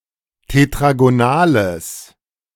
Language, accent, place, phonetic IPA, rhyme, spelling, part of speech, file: German, Germany, Berlin, [tetʁaɡoˈnaːləs], -aːləs, tetragonales, adjective, De-tetragonales.ogg
- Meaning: strong/mixed nominative/accusative neuter singular of tetragonal